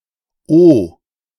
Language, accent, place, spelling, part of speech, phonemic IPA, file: German, Germany, Berlin, oh, interjection, /oː/, De-oh.ogg
- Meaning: oh